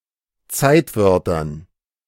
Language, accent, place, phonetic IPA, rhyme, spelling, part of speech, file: German, Germany, Berlin, [ˈt͡saɪ̯tˌvœʁtɐn], -aɪ̯tvœʁtɐn, Zeitwörtern, noun, De-Zeitwörtern.ogg
- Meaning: dative plural of Zeitwort